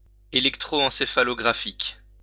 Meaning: electroencephalographic
- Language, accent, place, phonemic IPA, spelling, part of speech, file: French, France, Lyon, /e.lɛk.tʁo.ɑ̃.se.fa.lɔ.ɡʁa.fik/, électroencéphalographique, adjective, LL-Q150 (fra)-électroencéphalographique.wav